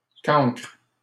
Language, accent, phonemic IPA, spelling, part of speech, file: French, Canada, /kɑ̃kʁ/, cancre, noun, LL-Q150 (fra)-cancre.wav
- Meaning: 1. blockhead, dunce, dolt 2. crayfish 3. pauper